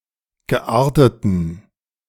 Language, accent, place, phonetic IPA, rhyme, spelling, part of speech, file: German, Germany, Berlin, [ɡəˈʔaːɐ̯tətn̩], -aːɐ̯tətn̩, gearteten, adjective, De-gearteten.ogg
- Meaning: inflection of geartet: 1. strong genitive masculine/neuter singular 2. weak/mixed genitive/dative all-gender singular 3. strong/weak/mixed accusative masculine singular 4. strong dative plural